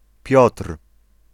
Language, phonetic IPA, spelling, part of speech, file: Polish, [pʲjɔtr̥], Piotr, proper noun / noun, Pl-Piotr.ogg